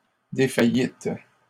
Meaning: second-person plural past historic of défaillir
- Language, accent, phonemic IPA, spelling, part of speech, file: French, Canada, /de.fa.jit/, défaillîtes, verb, LL-Q150 (fra)-défaillîtes.wav